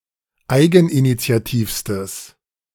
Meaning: strong/mixed nominative/accusative neuter singular superlative degree of eigeninitiativ
- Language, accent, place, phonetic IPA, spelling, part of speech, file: German, Germany, Berlin, [ˈaɪ̯ɡn̩ʔinit͡si̯aˌtiːfstəs], eigeninitiativstes, adjective, De-eigeninitiativstes.ogg